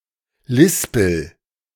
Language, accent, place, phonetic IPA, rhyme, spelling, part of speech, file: German, Germany, Berlin, [ˈlɪspl̩], -ɪspl̩, lispel, verb, De-lispel.ogg
- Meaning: inflection of lispeln: 1. first-person singular present 2. singular imperative